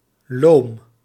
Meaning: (adjective) lazy, pleasantly slow, languid; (adverb) lazily
- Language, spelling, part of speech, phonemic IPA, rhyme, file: Dutch, loom, adjective / adverb, /loːm/, -oːm, Nl-loom.ogg